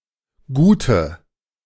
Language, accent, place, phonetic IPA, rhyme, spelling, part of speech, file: German, Germany, Berlin, [ˈɡuːtə], -uːtə, Gute, noun, De-Gute.ogg
- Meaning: nominalization of gut